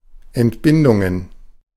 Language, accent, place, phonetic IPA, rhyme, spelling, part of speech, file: German, Germany, Berlin, [ɛntˈbɪndʊŋən], -ɪndʊŋən, Entbindungen, noun, De-Entbindungen.ogg
- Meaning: plural of Entbindung